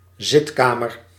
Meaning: a parlour, salon or sitting room
- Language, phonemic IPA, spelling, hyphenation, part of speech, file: Dutch, /ˈzɪtˌkaː.mər/, zitkamer, zit‧ka‧mer, noun, Nl-zitkamer.ogg